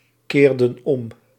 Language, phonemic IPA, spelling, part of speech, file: Dutch, /ˈkerdə(n) ˈɔm/, keerden om, verb, Nl-keerden om.ogg
- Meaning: inflection of omkeren: 1. plural past indicative 2. plural past subjunctive